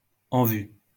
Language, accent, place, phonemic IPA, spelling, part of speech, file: French, France, Lyon, /ɑ̃ vy/, en vue, adjective, LL-Q150 (fra)-en vue.wav
- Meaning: 1. in sight 2. on the horizon, in sight, in the offing 3. high-profile, prominent, in fashion, fashionable